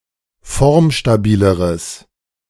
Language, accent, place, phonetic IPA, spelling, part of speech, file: German, Germany, Berlin, [ˈfɔʁmʃtaˌbiːləʁəs], formstabileres, adjective, De-formstabileres.ogg
- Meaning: strong/mixed nominative/accusative neuter singular comparative degree of formstabil